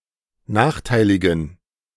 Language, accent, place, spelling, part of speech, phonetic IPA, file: German, Germany, Berlin, nachteiligen, adjective, [ˈnaːxˌtaɪ̯lɪɡn̩], De-nachteiligen.ogg
- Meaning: inflection of nachteilig: 1. strong genitive masculine/neuter singular 2. weak/mixed genitive/dative all-gender singular 3. strong/weak/mixed accusative masculine singular 4. strong dative plural